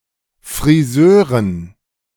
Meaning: dative plural of Friseur
- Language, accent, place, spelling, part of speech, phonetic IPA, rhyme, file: German, Germany, Berlin, Friseuren, noun, [fʁiˈzøːʁən], -øːʁən, De-Friseuren.ogg